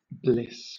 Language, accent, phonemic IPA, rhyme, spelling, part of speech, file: English, Southern England, /blɪs/, -ɪs, bliss, noun / verb, LL-Q1860 (eng)-bliss.wav
- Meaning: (noun) Perfect happiness; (verb) To feel bliss; (by extension) to reach a state of bliss or ecstasy